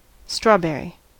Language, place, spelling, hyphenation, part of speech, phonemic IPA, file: English, California, strawberry, straw‧ber‧ry, noun / adjective / verb, /ˈstɹɔˌbɛɹi/, En-us-strawberry.ogg
- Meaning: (noun) 1. The sweet, usually red, edible accessory fruit of certain plants of the genus Fragaria 2. Any plant of the genus Fragaria (that bears such fruit)